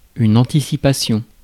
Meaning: anticipation
- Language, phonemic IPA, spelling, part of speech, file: French, /ɑ̃.ti.si.pa.sjɔ̃/, anticipation, noun, Fr-anticipation.ogg